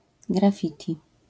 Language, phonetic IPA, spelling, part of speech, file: Polish, [ɡrafˈfʲitʲi], graffiti, noun, LL-Q809 (pol)-graffiti.wav